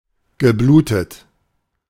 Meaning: past participle of bluten
- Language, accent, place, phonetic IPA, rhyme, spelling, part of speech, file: German, Germany, Berlin, [ɡəˈbluːtət], -uːtət, geblutet, verb, De-geblutet.ogg